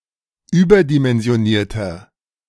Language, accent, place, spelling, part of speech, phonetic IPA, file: German, Germany, Berlin, überdimensionierter, adjective, [ˈyːbɐdimɛnzi̯oˌniːɐ̯tɐ], De-überdimensionierter.ogg
- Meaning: inflection of überdimensioniert: 1. strong/mixed nominative masculine singular 2. strong genitive/dative feminine singular 3. strong genitive plural